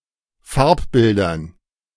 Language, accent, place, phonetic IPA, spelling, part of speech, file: German, Germany, Berlin, [ˈfaʁpˌbɪldɐn], Farbbildern, noun, De-Farbbildern.ogg
- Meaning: dative plural of Farbbild